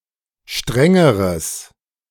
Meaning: strong/mixed nominative/accusative neuter singular comparative degree of streng
- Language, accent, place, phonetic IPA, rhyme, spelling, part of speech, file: German, Germany, Berlin, [ˈʃtʁɛŋəʁəs], -ɛŋəʁəs, strengeres, adjective, De-strengeres.ogg